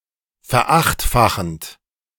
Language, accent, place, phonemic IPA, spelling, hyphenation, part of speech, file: German, Germany, Berlin, /fɛɐ̯ˈaxtfaxənt/, verachtfachend, ver‧acht‧fa‧chend, verb, De-verachtfachend.ogg
- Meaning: present participle of verachtfachen